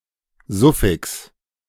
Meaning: suffix, postfix
- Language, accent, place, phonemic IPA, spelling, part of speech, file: German, Germany, Berlin, /ˈzʊfɪks/, Suffix, noun, De-Suffix.ogg